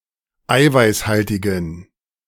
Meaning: inflection of eiweißhaltig: 1. strong genitive masculine/neuter singular 2. weak/mixed genitive/dative all-gender singular 3. strong/weak/mixed accusative masculine singular 4. strong dative plural
- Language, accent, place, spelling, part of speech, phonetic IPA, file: German, Germany, Berlin, eiweißhaltigen, adjective, [ˈaɪ̯vaɪ̯sˌhaltɪɡn̩], De-eiweißhaltigen.ogg